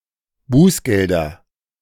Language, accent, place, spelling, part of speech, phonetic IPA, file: German, Germany, Berlin, Bußgelder, noun, [ˈbuːsˌɡɛldɐ], De-Bußgelder.ogg
- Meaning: nominative/accusative/genitive plural of Bußgeld